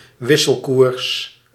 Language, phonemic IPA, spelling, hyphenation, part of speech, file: Dutch, /ˈʋɪ.səlˌkurs/, wisselkoers, wis‧sel‧koers, noun, Nl-wisselkoers.ogg
- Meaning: 1. exchange rate 2. the price of a bill of exchange